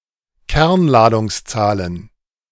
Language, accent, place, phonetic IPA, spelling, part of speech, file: German, Germany, Berlin, [ˈkɛʁnlaːdʊŋsˌt͡saːlən], Kernladungszahlen, noun, De-Kernladungszahlen.ogg
- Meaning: genitive singular of Kernladungszahl